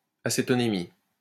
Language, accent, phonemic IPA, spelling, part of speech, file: French, France, /a.se.tɔ.ne.mi/, acétonémie, noun, LL-Q150 (fra)-acétonémie.wav
- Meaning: acetonemia